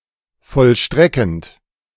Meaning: present participle of vollstrecken
- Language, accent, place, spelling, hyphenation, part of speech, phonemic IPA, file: German, Germany, Berlin, vollstreckend, voll‧stre‧ckend, verb, /fɔlˈʃtʁɛkənt/, De-vollstreckend.ogg